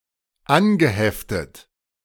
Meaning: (verb) past participle of anheften; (adjective) attached, affixed, pinned
- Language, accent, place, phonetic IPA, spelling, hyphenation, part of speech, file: German, Germany, Berlin, [ˈʔanɡəhɛftət], angeheftet, an‧ge‧hef‧tet, verb / adjective, De-angeheftet.ogg